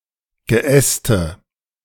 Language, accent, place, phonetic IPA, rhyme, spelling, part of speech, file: German, Germany, Berlin, [ɡəˈʔɛstə], -ɛstə, Geäste, noun, De-Geäste.ogg
- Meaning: dative singular of Geäst